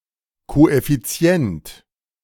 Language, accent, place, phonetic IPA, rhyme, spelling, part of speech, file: German, Germany, Berlin, [ˌkoʔɛfiˈt͡si̯ɛnt], -ɛnt, Koeffizient, noun, De-Koeffizient.ogg
- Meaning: coefficient